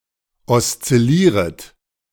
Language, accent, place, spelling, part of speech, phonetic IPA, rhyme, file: German, Germany, Berlin, oszillieret, verb, [ɔst͡sɪˈliːʁət], -iːʁət, De-oszillieret.ogg
- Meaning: second-person plural subjunctive I of oszillieren